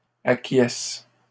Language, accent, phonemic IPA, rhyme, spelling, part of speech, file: French, Canada, /a.kjɛs/, -ɛs, acquiesce, verb, LL-Q150 (fra)-acquiesce.wav
- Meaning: inflection of acquiescer: 1. first/third-person singular present indicative/subjunctive 2. second-person singular imperative